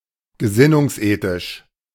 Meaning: of the ethic of ultimate ends
- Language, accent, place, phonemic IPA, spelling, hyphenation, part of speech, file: German, Germany, Berlin, /ɡəˈzɪnʊŋsˌʔeːtɪʃ/, gesinnungsethisch, ge‧sin‧nungs‧ethisch, adjective, De-gesinnungsethisch.ogg